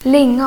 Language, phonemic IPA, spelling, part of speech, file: Swedish, /²lɪŋɔn/, lingon, noun, Sv-lingon.ogg
- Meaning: lingonberry, cowberry, Vaccinium vitis-idaea